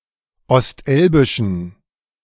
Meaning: inflection of ostelbisch: 1. strong genitive masculine/neuter singular 2. weak/mixed genitive/dative all-gender singular 3. strong/weak/mixed accusative masculine singular 4. strong dative plural
- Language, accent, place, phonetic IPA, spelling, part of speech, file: German, Germany, Berlin, [ɔstˈʔɛlbɪʃn̩], ostelbischen, adjective, De-ostelbischen.ogg